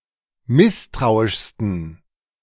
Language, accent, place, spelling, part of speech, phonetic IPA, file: German, Germany, Berlin, misstrauischsten, adjective, [ˈmɪstʁaʊ̯ɪʃstn̩], De-misstrauischsten.ogg
- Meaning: 1. superlative degree of misstrauisch 2. inflection of misstrauisch: strong genitive masculine/neuter singular superlative degree